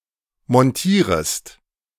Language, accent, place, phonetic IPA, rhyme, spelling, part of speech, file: German, Germany, Berlin, [mɔnˈtiːʁəst], -iːʁəst, montierest, verb, De-montierest.ogg
- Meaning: second-person singular subjunctive I of montieren